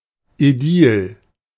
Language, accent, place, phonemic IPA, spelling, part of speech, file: German, Germany, Berlin, /ɛˈdiːl/, Ädil, noun, De-Ädil.ogg
- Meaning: aedile